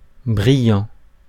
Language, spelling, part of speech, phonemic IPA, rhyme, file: French, brillant, adjective / verb, /bʁi.jɑ̃/, -jɑ̃, Fr-brillant.ogg
- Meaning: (adjective) shining; shiny; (verb) present participle of briller